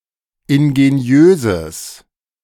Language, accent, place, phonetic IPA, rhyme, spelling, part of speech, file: German, Germany, Berlin, [ɪnɡeˈni̯øːzəs], -øːzəs, ingeniöses, adjective, De-ingeniöses.ogg
- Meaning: strong/mixed nominative/accusative neuter singular of ingeniös